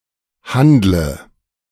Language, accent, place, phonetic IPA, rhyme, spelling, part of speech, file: German, Germany, Berlin, [ˈhandlə], -andlə, handle, verb, De-handle.ogg
- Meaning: inflection of handeln: 1. first-person singular present 2. singular imperative 3. first/third-person singular subjunctive I